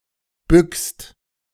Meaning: second-person singular present of bücken
- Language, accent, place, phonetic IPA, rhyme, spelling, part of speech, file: German, Germany, Berlin, [bʏkst], -ʏkst, bückst, verb, De-bückst.ogg